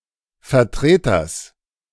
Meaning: genitive singular of Vertreter
- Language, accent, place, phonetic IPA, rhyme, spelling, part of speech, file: German, Germany, Berlin, [fɛɐ̯ˈtʁeːtɐs], -eːtɐs, Vertreters, noun, De-Vertreters.ogg